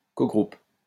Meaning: cogroup
- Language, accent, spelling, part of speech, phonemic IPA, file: French, France, cogroupe, noun, /ko.ɡʁup/, LL-Q150 (fra)-cogroupe.wav